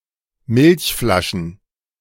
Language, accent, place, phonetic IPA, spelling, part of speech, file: German, Germany, Berlin, [ˈmɪlçˌflaʃn̩], Milchflaschen, noun, De-Milchflaschen.ogg
- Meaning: plural of Milchflasche